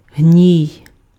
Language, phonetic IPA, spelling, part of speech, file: Ukrainian, [ɦnʲii̯], гній, noun, Uk-гній.ogg
- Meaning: 1. pus 2. manure